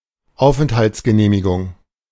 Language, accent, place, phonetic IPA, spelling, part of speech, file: German, Germany, Berlin, [ˈaʊ̯fʔɛnthaltsɡəneːmɪɡʊŋ], Aufenthaltsgenehmigung, noun, De-Aufenthaltsgenehmigung.ogg
- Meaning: residence permit ("Aufenthaltsgenehmigung" was the official designation of a residence permit in Germany until 2005.)